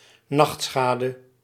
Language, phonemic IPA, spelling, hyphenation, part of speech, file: Dutch, /ˈnɑxtˌsxaː.də/, nachtschade, nacht‧scha‧de, noun, Nl-nachtschade.ogg
- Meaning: nightshade, any plant of the genus Solanum